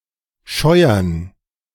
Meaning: 1. to scrub, scour (wash by rubbing with force) 2. to chafe, fret (to wear or hurt by rubbing) 3. to rub (oneself or a body part) on something 4. to slap
- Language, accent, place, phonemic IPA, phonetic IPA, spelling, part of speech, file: German, Germany, Berlin, /ˈʃɔʏ̯əʁn/, [ˈʃɔʏ̯.ɐn], scheuern, verb, De-scheuern.ogg